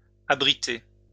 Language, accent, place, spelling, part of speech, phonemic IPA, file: French, France, Lyon, abritée, verb, /a.bʁi.te/, LL-Q150 (fra)-abritée.wav
- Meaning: feminine singular of abrité